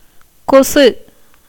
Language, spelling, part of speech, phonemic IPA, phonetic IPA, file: Tamil, கொசு, noun, /kotʃɯ/, [ko̞sɯ], Ta-கொசு.ogg
- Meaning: 1. mosquito, of the family Culicidae 2. gnat 3. eye fly